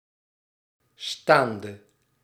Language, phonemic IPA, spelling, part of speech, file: Dutch, /ˈstandə/, staande, preposition / verb / adjective, Nl-staande.ogg
- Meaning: inflection of staand: 1. masculine/feminine singular attributive 2. definite neuter singular attributive 3. plural attributive